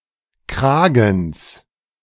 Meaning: genitive singular of Kragen
- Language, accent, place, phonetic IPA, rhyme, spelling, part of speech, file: German, Germany, Berlin, [ˈkʁaːɡn̩s], -aːɡn̩s, Kragens, noun, De-Kragens.ogg